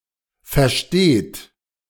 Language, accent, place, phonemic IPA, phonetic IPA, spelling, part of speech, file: German, Germany, Berlin, /fɛrˈʃteːt/, [fɛɐ̯ˈʃteːtʰ], versteht, verb, De-versteht.ogg
- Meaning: inflection of verstehen: 1. third-person singular present 2. second-person plural present 3. plural imperative